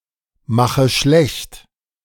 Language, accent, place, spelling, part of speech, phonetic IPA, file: German, Germany, Berlin, mache schlecht, verb, [ˌmaxə ˈʃlɛçt], De-mache schlecht.ogg
- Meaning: inflection of schlechtmachen: 1. first-person singular present 2. first/third-person singular subjunctive I 3. singular imperative